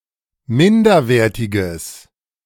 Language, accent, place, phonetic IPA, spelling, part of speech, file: German, Germany, Berlin, [ˈmɪndɐˌveːɐ̯tɪɡəs], minderwertiges, adjective, De-minderwertiges.ogg
- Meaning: strong/mixed nominative/accusative neuter singular of minderwertig